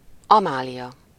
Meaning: a female given name from the Germanic languages, equivalent to English Amelia
- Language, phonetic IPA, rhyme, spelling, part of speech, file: Hungarian, [ˈɒmaːlijɒ], -jɒ, Amália, proper noun, Hu-Amália.ogg